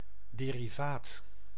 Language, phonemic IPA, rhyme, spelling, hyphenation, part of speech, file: Dutch, /ˌdeː.riˈvaːt/, -aːt, derivaat, de‧ri‧vaat, noun, Nl-derivaat.ogg
- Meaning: 1. derivative (something derived) 2. a derivative (financial instrument whose value depends on the valuation of an underlying asset)